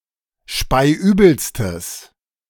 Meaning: strong/mixed nominative/accusative neuter singular superlative degree of speiübel
- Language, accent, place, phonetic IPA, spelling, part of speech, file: German, Germany, Berlin, [ˈʃpaɪ̯ˈʔyːbl̩stəs], speiübelstes, adjective, De-speiübelstes.ogg